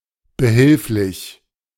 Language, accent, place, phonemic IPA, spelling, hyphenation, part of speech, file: German, Germany, Berlin, /bəˈhɪlflɪç/, behilflich, be‧hilf‧lich, adjective, De-behilflich.ogg
- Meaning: of service, assistant, helpful